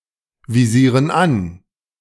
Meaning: inflection of anvisieren: 1. first/third-person plural present 2. first/third-person plural subjunctive I
- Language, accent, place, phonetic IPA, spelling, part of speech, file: German, Germany, Berlin, [viˌziːʁən ˈan], visieren an, verb, De-visieren an.ogg